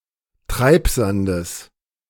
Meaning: genitive singular of Treibsand
- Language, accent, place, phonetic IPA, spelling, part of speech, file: German, Germany, Berlin, [ˈtʁaɪ̯pzandəs], Treibsandes, noun, De-Treibsandes.ogg